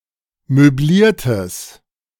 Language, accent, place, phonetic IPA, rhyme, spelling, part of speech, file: German, Germany, Berlin, [møˈbliːɐ̯təs], -iːɐ̯təs, möbliertes, adjective, De-möbliertes.ogg
- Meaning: strong/mixed nominative/accusative neuter singular of möbliert